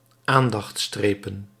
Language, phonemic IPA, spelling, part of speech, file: Dutch, /ˈandɑx(t)ˌstrepə(n)/, aandachtstrepen, noun, Nl-aandachtstrepen.ogg
- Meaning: plural of aandachtstreep